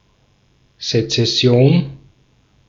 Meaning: secession
- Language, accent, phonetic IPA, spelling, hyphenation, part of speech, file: German, Austria, [zet͡sɛˈsi̯oːn], Sezession, Se‧zes‧si‧on, noun, De-at-Sezession.ogg